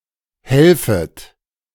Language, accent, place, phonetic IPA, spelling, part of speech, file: German, Germany, Berlin, [ˈhɛlfət], helfet, verb, De-helfet.ogg
- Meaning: second-person plural subjunctive I of helfen